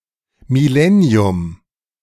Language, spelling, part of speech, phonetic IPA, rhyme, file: German, Millennium, noun, [mɪˈlɛni̯ʊm], -ɛni̯ʊm, De-Millennium.oga
- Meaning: millennium (thousand-year period)